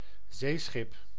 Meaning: a seaworthy ship, a sea ship
- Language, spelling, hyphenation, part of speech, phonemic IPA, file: Dutch, zeeschip, zee‧schip, noun, /ˈzeː.sxɪp/, Nl-zeeschip.ogg